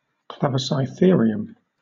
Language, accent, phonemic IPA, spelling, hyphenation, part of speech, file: English, Southern England, /ˌklæv.ə.saɪˈθɪə.ɹɪ.əm/, clavicytherium, clav‧i‧cy‧ther‧i‧um, noun, LL-Q1860 (eng)-clavicytherium.wav
- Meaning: A harpsichord in which the soundboard and strings are mounted vertically facing the player